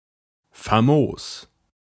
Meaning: great, excellent
- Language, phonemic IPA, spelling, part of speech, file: German, /faˈmoːs/, famos, adjective, De-famos.ogg